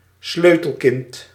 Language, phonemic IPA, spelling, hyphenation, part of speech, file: Dutch, /ˈsløː.təlˌkɪnt/, sleutelkind, sleu‧tel‧kind, noun, Nl-sleutelkind.ogg
- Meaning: latch-key child